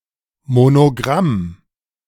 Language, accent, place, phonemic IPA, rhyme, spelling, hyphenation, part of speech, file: German, Germany, Berlin, /monoˈɡʁam/, -am, Monogramm, Mo‧no‧gramm, noun, De-Monogramm.ogg
- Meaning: monogram (a design composed of one or more letters used as an identifying mark)